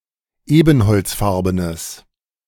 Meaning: strong/mixed nominative/accusative neuter singular of ebenholzfarben
- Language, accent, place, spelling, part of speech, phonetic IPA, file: German, Germany, Berlin, ebenholzfarbenes, adjective, [ˈeːbn̩hɔlt͡sˌfaʁbənəs], De-ebenholzfarbenes.ogg